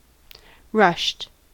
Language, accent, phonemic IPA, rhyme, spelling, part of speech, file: English, US, /ɹʌʃt/, -ʌʃt, rushed, adjective / verb, En-us-rushed.ogg
- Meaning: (adjective) 1. Very busy 2. Done in haste; done quickly or hastily 3. Abounding or covered with rushes; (verb) simple past and past participle of rush